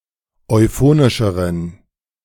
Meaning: inflection of euphonisch: 1. strong genitive masculine/neuter singular comparative degree 2. weak/mixed genitive/dative all-gender singular comparative degree
- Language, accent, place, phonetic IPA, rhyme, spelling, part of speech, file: German, Germany, Berlin, [ɔɪ̯ˈfoːnɪʃəʁən], -oːnɪʃəʁən, euphonischeren, adjective, De-euphonischeren.ogg